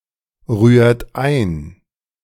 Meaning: inflection of einrühren: 1. second-person plural present 2. third-person singular present 3. plural imperative
- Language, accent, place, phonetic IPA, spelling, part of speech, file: German, Germany, Berlin, [ˌʁyːɐ̯t ˈaɪ̯n], rührt ein, verb, De-rührt ein.ogg